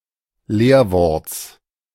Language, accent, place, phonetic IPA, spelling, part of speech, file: German, Germany, Berlin, [ˈleːɐ̯ˌvɔʁt͡s], Leerworts, noun, De-Leerworts.ogg
- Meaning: genitive singular of Leerwort